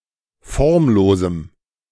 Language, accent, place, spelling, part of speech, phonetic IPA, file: German, Germany, Berlin, formlosem, adjective, [ˈfɔʁmˌloːzm̩], De-formlosem.ogg
- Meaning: strong dative masculine/neuter singular of formlos